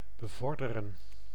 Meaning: 1. to stimulate, to benefit 2. to promote, to advance
- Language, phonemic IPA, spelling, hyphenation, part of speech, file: Dutch, /bəˈvɔrdərə(n)/, bevorderen, be‧vor‧de‧ren, verb, Nl-bevorderen.ogg